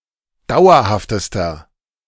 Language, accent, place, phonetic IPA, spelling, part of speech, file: German, Germany, Berlin, [ˈdaʊ̯ɐhaftəstɐ], dauerhaftester, adjective, De-dauerhaftester.ogg
- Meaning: inflection of dauerhaft: 1. strong/mixed nominative masculine singular superlative degree 2. strong genitive/dative feminine singular superlative degree 3. strong genitive plural superlative degree